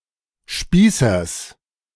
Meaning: genitive singular of Spießer
- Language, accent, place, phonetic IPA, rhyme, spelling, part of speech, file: German, Germany, Berlin, [ˈʃpiːsɐs], -iːsɐs, Spießers, noun, De-Spießers.ogg